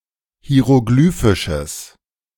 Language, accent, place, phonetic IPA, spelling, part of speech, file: German, Germany, Berlin, [hi̯eʁoˈɡlyːfɪʃəs], hieroglyphisches, adjective, De-hieroglyphisches.ogg
- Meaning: strong/mixed nominative/accusative neuter singular of hieroglyphisch